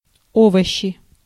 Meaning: nominative/accusative plural of о́вощ (óvošč)
- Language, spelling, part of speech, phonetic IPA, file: Russian, овощи, noun, [ˈovəɕːɪ], Ru-овощи.ogg